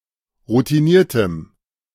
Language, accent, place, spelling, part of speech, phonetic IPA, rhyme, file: German, Germany, Berlin, routiniertem, adjective, [ʁutiˈniːɐ̯təm], -iːɐ̯təm, De-routiniertem.ogg
- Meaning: strong dative masculine/neuter singular of routiniert